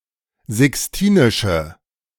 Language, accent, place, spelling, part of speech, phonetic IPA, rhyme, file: German, Germany, Berlin, sixtinische, adjective, [zɪksˈtiːnɪʃə], -iːnɪʃə, De-sixtinische.ogg
- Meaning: inflection of sixtinisch: 1. strong/mixed nominative/accusative feminine singular 2. strong nominative/accusative plural 3. weak nominative all-gender singular